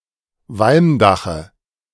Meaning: dative of Walmdach
- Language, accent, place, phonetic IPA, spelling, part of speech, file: German, Germany, Berlin, [ˈvalmˌdaxə], Walmdache, noun, De-Walmdache.ogg